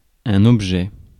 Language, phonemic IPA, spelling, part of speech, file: French, /ɔb.ʒɛ/, objet, noun, Fr-objet.ogg
- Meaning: 1. thing, object 2. in particular crafted or manufactured thing 3. aim, goal 4. mental representation, what is thought 5. source or target of feeling 6. object 7. subject line